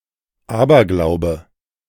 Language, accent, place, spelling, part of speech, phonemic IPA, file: German, Germany, Berlin, Aberglaube, noun, /ˈaːbɐˌɡlaʊ̯bə/, De-Aberglaube.ogg
- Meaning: superstition